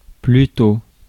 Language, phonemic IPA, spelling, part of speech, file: French, /ply.to/, plutôt, adverb, Fr-plutôt.ogg
- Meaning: 1. earlier, sooner 2. rather, instead (indicating preference) 3. rather (introducing a correction or clarification) 4. rather, pretty, kind of (indicating intensity or degree)